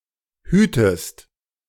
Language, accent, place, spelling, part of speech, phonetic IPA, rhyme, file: German, Germany, Berlin, hütest, verb, [ˈhyːtəst], -yːtəst, De-hütest.ogg
- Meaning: inflection of hüten: 1. second-person singular present 2. second-person singular subjunctive I